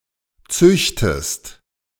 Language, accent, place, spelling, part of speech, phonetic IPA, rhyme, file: German, Germany, Berlin, züchtest, verb, [ˈt͡sʏçtəst], -ʏçtəst, De-züchtest.ogg
- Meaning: inflection of züchten: 1. second-person singular present 2. second-person singular subjunctive I